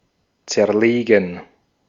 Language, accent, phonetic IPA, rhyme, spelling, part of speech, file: German, Austria, [ˌt͡sɛɐ̯ˈleːɡn̩], -eːɡn̩, zerlegen, verb, De-at-zerlegen.ogg
- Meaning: 1. to dismantle, disassemble, decompose 2. to dismember, dissect 3. to analyze/analyse 4. to get wrecked